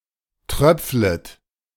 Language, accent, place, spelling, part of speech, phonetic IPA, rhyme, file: German, Germany, Berlin, tröpflet, verb, [ˈtʁœp͡flət], -œp͡flət, De-tröpflet.ogg
- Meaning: second-person plural subjunctive I of tröpfeln